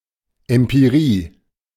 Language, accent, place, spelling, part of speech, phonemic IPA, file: German, Germany, Berlin, Empirie, noun, /ˌɛm.piˈʁiː/, De-Empirie.ogg
- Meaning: empirical knowledge; knowledge based on testing and experience